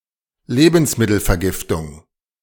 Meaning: food poisoning (any food-borne disease)
- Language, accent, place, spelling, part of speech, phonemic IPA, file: German, Germany, Berlin, Lebensmittelvergiftung, noun, /ˈleːbənsmɪtəlfɛɐ̯ˌɡɪftʊŋ/, De-Lebensmittelvergiftung.ogg